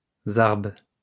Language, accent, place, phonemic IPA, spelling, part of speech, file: French, France, Lyon, /zaʁb/, zarb, noun, LL-Q150 (fra)-zarb.wav
- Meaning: tombak